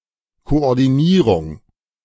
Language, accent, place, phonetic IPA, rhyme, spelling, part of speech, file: German, Germany, Berlin, [koʔɔʁdiˈniːʁʊŋ], -iːʁʊŋ, Koordinierung, noun, De-Koordinierung.ogg
- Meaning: coordination